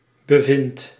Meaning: inflection of bevinden: 1. first-person singular present indicative 2. second-person singular present indicative 3. imperative
- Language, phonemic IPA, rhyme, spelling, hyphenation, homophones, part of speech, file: Dutch, /bəˈvɪnt/, -ɪnt, bevind, be‧vind, bevindt, verb, Nl-bevind.ogg